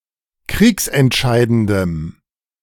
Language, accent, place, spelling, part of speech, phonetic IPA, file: German, Germany, Berlin, kriegsentscheidendem, adjective, [ˈkʁiːksɛntˌʃaɪ̯dəndəm], De-kriegsentscheidendem.ogg
- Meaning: strong dative masculine/neuter singular of kriegsentscheidend